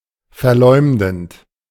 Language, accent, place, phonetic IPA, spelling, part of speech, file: German, Germany, Berlin, [fɛɐ̯ˈlɔɪ̯mdn̩t], verleumdend, verb, De-verleumdend.ogg
- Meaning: present participle of verleumden